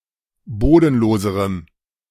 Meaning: strong dative masculine/neuter singular comparative degree of bodenlos
- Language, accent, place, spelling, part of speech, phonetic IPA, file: German, Germany, Berlin, bodenloserem, adjective, [ˈboːdn̩ˌloːzəʁəm], De-bodenloserem.ogg